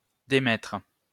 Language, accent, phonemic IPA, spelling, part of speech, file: French, France, /de.mɛtʁ/, démettre, verb, LL-Q150 (fra)-démettre.wav
- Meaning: 1. to dismiss, discharge (from a post) 2. to nonsuit (dismiss on the grounds of a lawsuit being brought without cause) 3. to dislocate (a bone) 4. to relinquish, leave (a position or post)